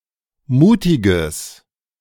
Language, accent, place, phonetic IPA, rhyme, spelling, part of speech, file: German, Germany, Berlin, [ˈmuːtɪɡəs], -uːtɪɡəs, mutiges, adjective, De-mutiges.ogg
- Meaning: strong/mixed nominative/accusative neuter singular of mutig